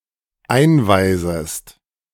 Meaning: second-person singular dependent subjunctive I of einweisen
- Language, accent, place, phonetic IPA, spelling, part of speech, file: German, Germany, Berlin, [ˈaɪ̯nˌvaɪ̯zəst], einweisest, verb, De-einweisest.ogg